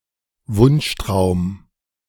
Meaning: dream, pipe dream
- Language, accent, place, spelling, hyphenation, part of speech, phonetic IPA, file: German, Germany, Berlin, Wunschtraum, Wunsch‧traum, noun, [ˈvʊnʃˌtʁaʊ̯m], De-Wunschtraum.ogg